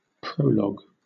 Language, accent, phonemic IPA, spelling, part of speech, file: English, Southern England, /ˈpɹəʊlɒɡ/, prologue, noun / verb, LL-Q1860 (eng)-prologue.wav
- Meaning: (noun) 1. A speech or section used as an introduction, especially to a play or novel 2. One who delivers a prologue 3. A component of a computer program that prepares the computer to execute a routine